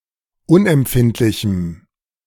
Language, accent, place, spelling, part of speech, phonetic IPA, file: German, Germany, Berlin, unempfindlichem, adjective, [ˈʊnʔɛmˌpfɪntlɪçm̩], De-unempfindlichem.ogg
- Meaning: strong dative masculine/neuter singular of unempfindlich